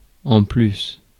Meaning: moreover, what is more, on top of that
- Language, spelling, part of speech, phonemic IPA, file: French, en plus, adverb, /ɑ̃ plys/, Fr-en plus.oga